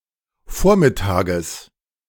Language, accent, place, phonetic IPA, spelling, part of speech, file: German, Germany, Berlin, [ˈfoːɐ̯mɪˌtaːɡəs], Vormittages, noun, De-Vormittages.ogg
- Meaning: genitive singular of Vormittag